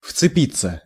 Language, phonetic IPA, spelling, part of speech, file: Russian, [ft͡sɨˈpʲit͡sːə], вцепиться, verb, Ru-вцепиться.ogg
- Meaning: 1. to seize, to grasp, to clutch 2. to cling (of a sticky object) 3. to not let go, to get attached emotionally, to hate to be separated (from) 4. to bite (of hunting dogs)